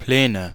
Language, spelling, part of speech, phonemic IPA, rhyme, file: German, Pläne, noun, /ˈplɛːnə/, -ɛːnə, De-Pläne.ogg
- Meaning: 1. synonym of Ebene (“level surface, plain, flatland”) 2. nominative/accusative/genitive plural of Plan